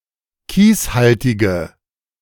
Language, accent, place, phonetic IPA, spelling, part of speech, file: German, Germany, Berlin, [ˈkiːsˌhaltɪɡə], kieshaltige, adjective, De-kieshaltige.ogg
- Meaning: inflection of kieshaltig: 1. strong/mixed nominative/accusative feminine singular 2. strong nominative/accusative plural 3. weak nominative all-gender singular